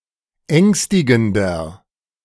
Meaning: 1. comparative degree of ängstigend 2. inflection of ängstigend: strong/mixed nominative masculine singular 3. inflection of ängstigend: strong genitive/dative feminine singular
- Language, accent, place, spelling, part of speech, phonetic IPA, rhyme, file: German, Germany, Berlin, ängstigender, adjective, [ˈɛŋstɪɡn̩dɐ], -ɛŋstɪɡn̩dɐ, De-ängstigender.ogg